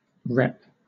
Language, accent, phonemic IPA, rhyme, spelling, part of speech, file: English, Southern England, /ɹɛp/, -ɛp, rep, noun / verb, LL-Q1860 (eng)-rep.wav
- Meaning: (noun) 1. Clipping of reputation 2. Clipping of repetition 3. Clipping of representative 4. Clipping of representation 5. Clipping of repertory 6. Clipping of report 7. Clipping of replica